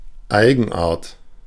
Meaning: peculiarity, characteristic
- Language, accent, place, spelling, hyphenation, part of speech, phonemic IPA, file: German, Germany, Berlin, Eigenart, Ei‧gen‧art, noun, /ˈaɪ̯ɡn̩ʔaːɐ̯t/, De-Eigenart.ogg